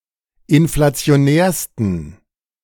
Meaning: 1. superlative degree of inflationär 2. inflection of inflationär: strong genitive masculine/neuter singular superlative degree
- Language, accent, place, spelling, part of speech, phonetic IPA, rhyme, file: German, Germany, Berlin, inflationärsten, adjective, [ɪnflat͡si̯oˈnɛːɐ̯stn̩], -ɛːɐ̯stn̩, De-inflationärsten.ogg